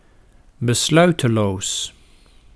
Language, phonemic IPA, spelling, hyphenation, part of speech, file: Dutch, /bəˈslœy̯təloːs/, besluiteloos, be‧slui‧te‧loos, adjective, Nl-besluiteloos.ogg
- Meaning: indecisive, not decisive, unable or unwilling to make decisions or reach conclusions